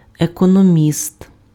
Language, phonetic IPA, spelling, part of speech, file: Ukrainian, [ekɔnoˈmʲist], економіст, noun, Uk-економіст.ogg
- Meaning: economist